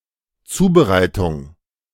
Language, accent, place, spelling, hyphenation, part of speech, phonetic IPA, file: German, Germany, Berlin, Zubereitung, Zu‧be‧rei‧tung, noun, [ˈt͡suːbəˌʁaɪ̯tʊŋ], De-Zubereitung.ogg
- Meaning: 1. preparation 2. concoction, confection